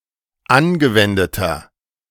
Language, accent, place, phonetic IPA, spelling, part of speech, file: German, Germany, Berlin, [ˈanɡəˌvɛndətɐ], angewendeter, adjective, De-angewendeter.ogg
- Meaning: inflection of angewendet: 1. strong/mixed nominative masculine singular 2. strong genitive/dative feminine singular 3. strong genitive plural